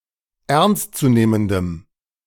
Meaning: strong dative masculine/neuter singular of ernstzunehmend
- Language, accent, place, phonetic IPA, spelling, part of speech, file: German, Germany, Berlin, [ˈɛʁnstt͡suˌneːməndəm], ernstzunehmendem, adjective, De-ernstzunehmendem.ogg